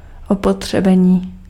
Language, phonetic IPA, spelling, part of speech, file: Czech, [ˈopotr̝̊ɛbɛɲiː], opotřebení, noun, Cs-opotřebení.ogg
- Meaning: 1. verbal noun of opotřebit 2. wear (damage to the appearance and/or strength of an item caused by use over time)